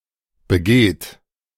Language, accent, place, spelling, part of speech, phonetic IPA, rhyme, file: German, Germany, Berlin, begeht, verb, [bəˈɡeːt], -eːt, De-begeht.ogg
- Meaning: inflection of begehen: 1. third-person singular present 2. second-person plural present 3. plural imperative